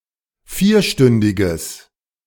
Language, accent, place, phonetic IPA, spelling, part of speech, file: German, Germany, Berlin, [ˈfiːɐ̯ˌʃtʏndɪɡəs], vierstündiges, adjective, De-vierstündiges.ogg
- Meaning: strong/mixed nominative/accusative neuter singular of vierstündig